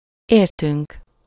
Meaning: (pronoun) first-person plural of érte; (verb) 1. first-person plural indicative present indefinite of ért 2. first-person plural indicative past indefinite of ér
- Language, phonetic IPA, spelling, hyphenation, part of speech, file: Hungarian, [ˈeːrtyŋk], értünk, ér‧tünk, pronoun / verb, Hu-értünk.ogg